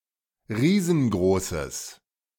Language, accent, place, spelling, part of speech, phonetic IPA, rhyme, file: German, Germany, Berlin, riesengroßes, adjective, [ˈʁiːzn̩ˈɡʁoːsəs], -oːsəs, De-riesengroßes.ogg
- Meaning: strong/mixed nominative/accusative neuter singular of riesengroß